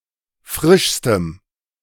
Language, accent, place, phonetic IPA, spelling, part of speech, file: German, Germany, Berlin, [ˈfʁɪʃstəm], frischstem, adjective, De-frischstem.ogg
- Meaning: strong dative masculine/neuter singular superlative degree of frisch